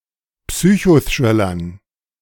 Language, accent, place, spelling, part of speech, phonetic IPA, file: German, Germany, Berlin, Psychothrillern, noun, [ˈpsyːçoˌθʁɪlɐn], De-Psychothrillern.ogg
- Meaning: dative plural of Psychothriller